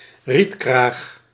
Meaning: a reed belt, a reed bed adjacent to a body of water
- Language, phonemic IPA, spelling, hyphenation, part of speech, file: Dutch, /ˈrit.kraːx/, rietkraag, riet‧kraag, noun, Nl-rietkraag.ogg